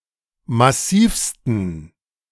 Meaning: 1. superlative degree of massiv 2. inflection of massiv: strong genitive masculine/neuter singular superlative degree
- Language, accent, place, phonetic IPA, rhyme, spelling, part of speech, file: German, Germany, Berlin, [maˈsiːfstn̩], -iːfstn̩, massivsten, adjective, De-massivsten.ogg